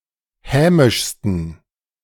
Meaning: 1. superlative degree of hämisch 2. inflection of hämisch: strong genitive masculine/neuter singular superlative degree
- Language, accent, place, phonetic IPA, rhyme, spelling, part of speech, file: German, Germany, Berlin, [ˈhɛːmɪʃstn̩], -ɛːmɪʃstn̩, hämischsten, adjective, De-hämischsten.ogg